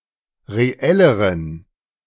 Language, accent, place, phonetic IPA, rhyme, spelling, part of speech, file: German, Germany, Berlin, [ʁeˈɛləʁən], -ɛləʁən, reelleren, adjective, De-reelleren.ogg
- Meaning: inflection of reell: 1. strong genitive masculine/neuter singular comparative degree 2. weak/mixed genitive/dative all-gender singular comparative degree